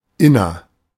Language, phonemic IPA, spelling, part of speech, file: German, /ˈɪnɐ/, inner, adjective / preposition, De-inner.ogg
- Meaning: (adjective) inner; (preposition) within